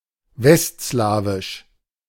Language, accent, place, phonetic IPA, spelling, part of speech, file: German, Germany, Berlin, [ˈvɛstˌslaːvɪʃ], westslawisch, adjective, De-westslawisch.ogg
- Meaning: West Slavic